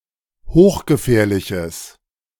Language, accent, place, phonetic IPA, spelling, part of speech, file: German, Germany, Berlin, [ˈhoːxɡəˌfɛːɐ̯lɪçəs], hochgefährliches, adjective, De-hochgefährliches.ogg
- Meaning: strong/mixed nominative/accusative neuter singular of hochgefährlich